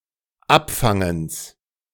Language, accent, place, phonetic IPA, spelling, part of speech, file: German, Germany, Berlin, [ˈapˌfaŋəns], Abfangens, noun, De-Abfangens.ogg
- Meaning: genitive of Abfangen